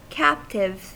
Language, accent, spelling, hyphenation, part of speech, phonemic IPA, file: English, US, captive, cap‧tive, noun / adjective / verb, /ˈkæptɪv/, En-us-captive.ogg
- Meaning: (noun) 1. One who has been captured or is otherwise confined 2. One held prisoner 3. One charmed or subdued by beauty, excellence, or affection; one who is captivated